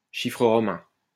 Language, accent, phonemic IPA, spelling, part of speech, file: French, France, /ʃi.fʁə ʁɔ.mɛ̃/, chiffre romain, noun, LL-Q150 (fra)-chiffre romain.wav
- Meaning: Roman numeral (a numeral represented by letters)